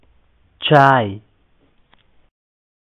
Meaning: tea
- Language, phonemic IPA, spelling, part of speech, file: Pashto, /t͡ʃɑi/, چای, noun, Ps-چای.oga